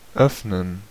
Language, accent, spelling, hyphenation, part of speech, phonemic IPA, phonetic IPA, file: German, Germany, öffnen, öff‧nen, verb, /ˈœfnən/, [ˈʔœf.nən], De-öffnen.ogg
- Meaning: 1. to open (to make something accessible or allow for passage by moving from a shut position) 2. to open (to make accessible to customers or clients)